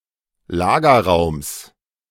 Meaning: genitive singular of Lagerraum
- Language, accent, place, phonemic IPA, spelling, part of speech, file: German, Germany, Berlin, /ˈlaːɡɐˌʁaʊ̯ms/, Lagerraums, noun, De-Lagerraums.ogg